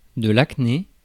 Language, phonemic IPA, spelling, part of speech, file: French, /ak.ne/, acné, noun, Fr-acné.ogg
- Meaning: acne